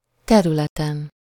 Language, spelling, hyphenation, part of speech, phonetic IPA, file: Hungarian, területen, te‧rü‧le‧ten, noun, [ˈtɛrylɛtɛn], Hu-területen.ogg
- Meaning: superessive singular of terület